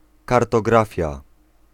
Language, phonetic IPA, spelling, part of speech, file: Polish, [ˌkartɔˈɡrafʲja], kartografia, noun, Pl-kartografia.ogg